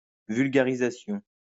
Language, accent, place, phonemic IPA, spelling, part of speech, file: French, France, Lyon, /vyl.ɡa.ʁi.za.sjɔ̃/, vulgarisation, noun, LL-Q150 (fra)-vulgarisation.wav
- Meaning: popular science